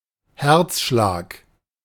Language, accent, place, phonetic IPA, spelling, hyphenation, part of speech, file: German, Germany, Berlin, [ˈhɛʁt͡sˌʃlaːk], Herzschlag, Herz‧schlag, noun, De-Herzschlag.ogg
- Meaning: 1. heartbeat 2. heart attack